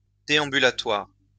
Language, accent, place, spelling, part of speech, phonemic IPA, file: French, France, Lyon, déambulatoire, noun, /de.ɑ̃.by.la.twaʁ/, LL-Q150 (fra)-déambulatoire.wav
- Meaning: the round walkway encircling the altar in many cathedrals, ambulatory